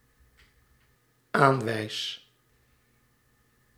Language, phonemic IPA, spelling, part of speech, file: Dutch, /ˈaɱwɛis/, aanwijs, verb, Nl-aanwijs.ogg
- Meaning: first-person singular dependent-clause present indicative of aanwijzen